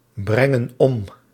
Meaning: inflection of ombrengen: 1. plural present indicative 2. plural present subjunctive
- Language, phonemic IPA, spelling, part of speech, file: Dutch, /ˈbrɛŋə(n) ˈɔm/, brengen om, verb, Nl-brengen om.ogg